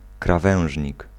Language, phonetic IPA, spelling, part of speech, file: Polish, [kraˈvɛ̃w̃ʒʲɲik], krawężnik, noun, Pl-krawężnik.ogg